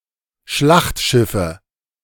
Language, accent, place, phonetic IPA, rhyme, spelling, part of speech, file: German, Germany, Berlin, [ˈʃlaxtˌʃɪfə], -axtʃɪfə, Schlachtschiffe, noun, De-Schlachtschiffe.ogg
- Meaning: nominative/accusative/genitive plural of Schlachtschiff